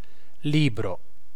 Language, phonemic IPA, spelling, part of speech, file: Italian, /ˈlibro/, libro, noun / verb, It-libro.ogg